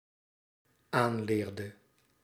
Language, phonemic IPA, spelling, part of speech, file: Dutch, /ˈanlerdə/, aanleerde, verb, Nl-aanleerde.ogg
- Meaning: inflection of aanleren: 1. singular dependent-clause past indicative 2. singular dependent-clause past subjunctive